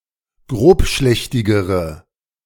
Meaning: inflection of grobschlächtig: 1. strong/mixed nominative/accusative feminine singular comparative degree 2. strong nominative/accusative plural comparative degree
- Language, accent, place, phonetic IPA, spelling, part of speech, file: German, Germany, Berlin, [ˈɡʁoːpˌʃlɛçtɪɡəʁə], grobschlächtigere, adjective, De-grobschlächtigere.ogg